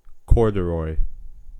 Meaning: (noun) 1. A heavy fabric, usually made of cotton, with vertical ribs 2. Cheap and poor-quality whiskey
- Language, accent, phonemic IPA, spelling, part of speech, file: English, US, /ˈkɔɹdəɹɔɪ/, corduroy, noun / adjective / verb, En-us-corduroy.ogg